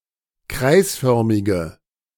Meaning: inflection of kreisförmig: 1. strong/mixed nominative/accusative feminine singular 2. strong nominative/accusative plural 3. weak nominative all-gender singular
- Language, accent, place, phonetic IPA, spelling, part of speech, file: German, Germany, Berlin, [ˈkʁaɪ̯sˌfœʁmɪɡə], kreisförmige, adjective, De-kreisförmige.ogg